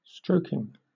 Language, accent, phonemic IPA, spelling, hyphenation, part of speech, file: English, Southern England, /ˈstɹəʊ̯k.ɪŋ/, stroking, strok‧ing, verb / noun, LL-Q1860 (eng)-stroking.wav
- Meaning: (verb) present participle and gerund of stroke; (noun) 1. The act of making strokes or giving a stroke 2. The act of laying small gathers (plaits) in cloth in regular order